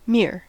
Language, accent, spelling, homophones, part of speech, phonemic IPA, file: English, US, mere, mear, adjective / noun / verb, /mɪɚ/, En-us-mere.ogg
- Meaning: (adjective) 1. Just, only; no more than, pure and simple, neither more nor better than might be expected 2. Pure, unalloyed . 3. Nothing less than; complete, downright .